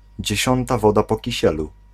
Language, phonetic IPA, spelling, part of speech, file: Polish, [d͡ʑɛ̇ˈɕɔ̃nta ˈvɔda ˌpɔ‿ciˈɕɛlu], dziesiąta woda po kisielu, phrase, Pl-dziesiąta woda po kisielu.ogg